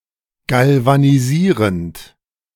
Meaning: present participle of galvanisieren
- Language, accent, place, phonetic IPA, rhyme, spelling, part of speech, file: German, Germany, Berlin, [ˌɡalvaniˈziːʁənt], -iːʁənt, galvanisierend, verb, De-galvanisierend.ogg